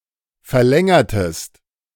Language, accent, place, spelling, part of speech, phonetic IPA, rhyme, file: German, Germany, Berlin, verlängertest, verb, [fɛɐ̯ˈlɛŋɐtəst], -ɛŋɐtəst, De-verlängertest.ogg
- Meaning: inflection of verlängern: 1. second-person singular preterite 2. second-person singular subjunctive II